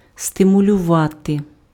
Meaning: to stimulate (encourage into action)
- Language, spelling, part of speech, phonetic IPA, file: Ukrainian, стимулювати, verb, [stemʊlʲʊˈʋate], Uk-стимулювати.ogg